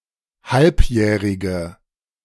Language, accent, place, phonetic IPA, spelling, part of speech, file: German, Germany, Berlin, [ˈhalpˌjɛːʁɪɡə], halbjährige, adjective, De-halbjährige.ogg
- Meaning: inflection of halbjährig: 1. strong/mixed nominative/accusative feminine singular 2. strong nominative/accusative plural 3. weak nominative all-gender singular